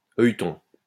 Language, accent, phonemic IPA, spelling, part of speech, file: French, France, /œj.tɔ̃/, œilleton, noun, LL-Q150 (fra)-œilleton.wav
- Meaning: 1. eyepiece 2. peephole 3. sight (of a firearm) 4. offset, offshoot, sucker